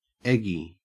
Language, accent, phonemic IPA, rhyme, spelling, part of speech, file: English, Australia, /ˈɛɡi/, -ɛɡi, eggy, adjective, En-au-eggy.ogg
- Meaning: 1. Covered with or dipped in egg 2. Resembling eggs in some way 3. Of or relating to an egg or eggs 4. Slightly annoyed 5. Awkward or uncomfortable